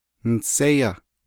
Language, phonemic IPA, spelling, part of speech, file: Navajo, /nɪ̀sɛ́jɑ́/, niséyá, verb, Nv-niséyá.ogg
- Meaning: first-person singular perfect active indicative of naaghá